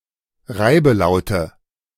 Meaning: nominative/accusative/genitive plural of Reibelaut
- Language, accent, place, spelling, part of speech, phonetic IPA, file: German, Germany, Berlin, Reibelaute, noun, [ˈʁaɪ̯bəˌlaʊ̯tə], De-Reibelaute.ogg